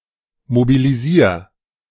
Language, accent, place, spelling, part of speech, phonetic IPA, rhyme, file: German, Germany, Berlin, mobilisier, verb, [mobiliˈziːɐ̯], -iːɐ̯, De-mobilisier.ogg
- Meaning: 1. singular imperative of mobilisieren 2. first-person singular present of mobilisieren